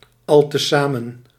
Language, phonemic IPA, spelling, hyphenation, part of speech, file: Dutch, /ˌɑl.təˈzaː.mə(n)/, altezamen, al‧te‧za‧men, adverb, Nl-altezamen.ogg
- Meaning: together, combined